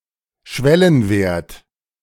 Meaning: threshold, threshold value (of detection, or of a stimulus)
- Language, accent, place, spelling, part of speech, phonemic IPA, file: German, Germany, Berlin, Schwellenwert, noun, /ˈʃvɛlənˌveːɐ̯t/, De-Schwellenwert.ogg